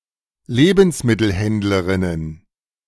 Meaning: plural of Lebensmittelhändlerin
- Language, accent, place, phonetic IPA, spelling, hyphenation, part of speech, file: German, Germany, Berlin, [ˈleːbn̩smɪtl̩ˌhɛndləʁɪnən], Lebensmittelhändlerinnen, Le‧bens‧mit‧tel‧händ‧le‧rin‧nen, noun, De-Lebensmittelhändlerinnen.ogg